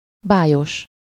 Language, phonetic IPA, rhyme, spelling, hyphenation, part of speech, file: Hungarian, [ˈbaːjoʃ], -oʃ, bájos, bá‧jos, adjective, Hu-bájos.ogg
- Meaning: charming, lovely, attractive